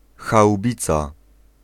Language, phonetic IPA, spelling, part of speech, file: Polish, [xawˈbʲit͡sa], haubica, noun, Pl-haubica.ogg